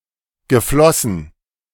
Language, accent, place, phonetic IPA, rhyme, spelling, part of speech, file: German, Germany, Berlin, [ɡəˈflɔsn̩], -ɔsn̩, geflossen, verb, De-geflossen.ogg
- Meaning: past participle of fließen